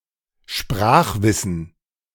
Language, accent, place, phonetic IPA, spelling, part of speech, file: German, Germany, Berlin, [ˈʃpʁaːxˌvɪsn̩], Sprachwissen, noun, De-Sprachwissen.ogg
- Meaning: language knowledge